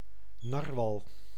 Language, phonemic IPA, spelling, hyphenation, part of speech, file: Dutch, /ˈnɑr.ʋɑl/, narwal, nar‧wal, noun, Nl-narwal.ogg
- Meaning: narwhal, Monodon monoceros